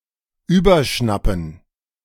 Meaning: to go mad
- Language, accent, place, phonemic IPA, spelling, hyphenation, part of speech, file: German, Germany, Berlin, /ˈyːbɐˌʃnapn̩/, überschnappen, über‧schnap‧pen, verb, De-überschnappen.ogg